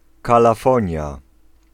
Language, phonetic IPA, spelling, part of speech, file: Polish, [ˌkalaˈfɔ̃ɲja], kalafonia, noun, Pl-kalafonia.ogg